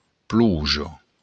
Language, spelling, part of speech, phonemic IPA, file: Occitan, ploja, noun, /ˈpluʒo/, LL-Q35735-ploja.wav
- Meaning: rain